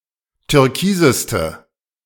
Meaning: inflection of türkis: 1. strong/mixed nominative/accusative feminine singular superlative degree 2. strong nominative/accusative plural superlative degree
- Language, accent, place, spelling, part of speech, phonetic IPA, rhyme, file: German, Germany, Berlin, türkiseste, adjective, [tʏʁˈkiːzəstə], -iːzəstə, De-türkiseste.ogg